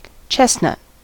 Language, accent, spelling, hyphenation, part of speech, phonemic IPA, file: English, General American, chestnut, chest‧nut, noun / adjective, /ˈt͡ʃɛs(t)ˌnʌt/, En-us-chestnut.ogg